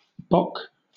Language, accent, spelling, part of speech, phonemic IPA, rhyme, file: English, Southern England, bok, adjective / interjection / verb, /bɒk/, -ɒk, LL-Q1860 (eng)-bok.wav
- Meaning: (adjective) Keen or willing; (interjection) The clucking sound of a chicken; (verb) To make the clucking sound of a chicken